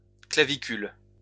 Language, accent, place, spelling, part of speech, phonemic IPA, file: French, France, Lyon, clavicules, noun, /kla.vi.kyl/, LL-Q150 (fra)-clavicules.wav
- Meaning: plural of clavicule